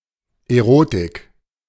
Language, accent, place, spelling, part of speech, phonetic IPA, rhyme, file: German, Germany, Berlin, Erotik, noun, [eˈʁoːtɪk], -oːtɪk, De-Erotik.ogg
- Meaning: erotica, eroticism